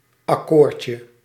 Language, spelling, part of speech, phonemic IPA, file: Dutch, akkoordje, noun, /ɑˈkorcə/, Nl-akkoordje.ogg
- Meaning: diminutive of akkoord